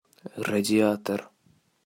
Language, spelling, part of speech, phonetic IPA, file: Russian, радиатор, noun, [rədʲɪˈatər], Ru-радиатор.ogg
- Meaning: 1. heatsink 2. radiator 3. grille